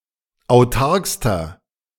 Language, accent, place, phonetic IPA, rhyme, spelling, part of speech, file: German, Germany, Berlin, [aʊ̯ˈtaʁkstɐ], -aʁkstɐ, autarkster, adjective, De-autarkster.ogg
- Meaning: inflection of autark: 1. strong/mixed nominative masculine singular superlative degree 2. strong genitive/dative feminine singular superlative degree 3. strong genitive plural superlative degree